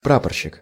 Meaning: ensign; praporshchik
- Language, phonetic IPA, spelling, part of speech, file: Russian, [ˈprapərɕːɪk], прапорщик, noun, Ru-прапорщик.ogg